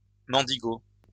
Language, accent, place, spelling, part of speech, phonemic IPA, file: French, France, Lyon, mendigot, noun, /mɑ̃.di.ɡo/, LL-Q150 (fra)-mendigot.wav
- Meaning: beggar